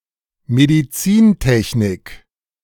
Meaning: medical technology / engineering
- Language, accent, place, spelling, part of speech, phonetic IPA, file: German, Germany, Berlin, Medizintechnik, noun, [mediˈt͡siːnˌtɛçnɪk], De-Medizintechnik.ogg